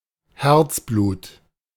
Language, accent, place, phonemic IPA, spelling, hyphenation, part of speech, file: German, Germany, Berlin, /ˈhɛrtsˌbluːt/, Herzblut, Herz‧blut, noun, De-Herzblut.ogg
- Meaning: 1. lifeblood 2. passion; heart and soul